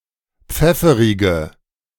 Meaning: inflection of pfefferig: 1. strong/mixed nominative/accusative feminine singular 2. strong nominative/accusative plural 3. weak nominative all-gender singular
- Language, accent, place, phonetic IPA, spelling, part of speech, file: German, Germany, Berlin, [ˈp͡fɛfəʁɪɡə], pfefferige, adjective, De-pfefferige.ogg